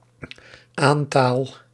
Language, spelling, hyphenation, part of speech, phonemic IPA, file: Dutch, aantaal, aan‧taal, noun, /ˈaːn.taːl/, Nl-aantaal.ogg
- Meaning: legal claim